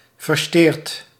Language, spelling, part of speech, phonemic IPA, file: Dutch, versjteerd, verb, /vərˈʃtert/, Nl-versjteerd.ogg
- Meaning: past participle of versjteren